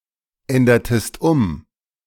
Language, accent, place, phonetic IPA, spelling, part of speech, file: German, Germany, Berlin, [ˌɛndɐtəst ˈʊm], ändertest um, verb, De-ändertest um.ogg
- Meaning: inflection of umändern: 1. second-person singular preterite 2. second-person singular subjunctive II